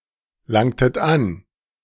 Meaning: inflection of anlangen: 1. second-person plural preterite 2. second-person plural subjunctive II
- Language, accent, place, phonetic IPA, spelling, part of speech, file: German, Germany, Berlin, [ˌlaŋtət ˈan], langtet an, verb, De-langtet an.ogg